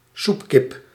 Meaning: 1. boiling fowl 2. dumbass, loser, sucker
- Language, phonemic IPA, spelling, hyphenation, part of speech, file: Dutch, /ˈsup.kɪp/, soepkip, soep‧kip, noun, Nl-soepkip.ogg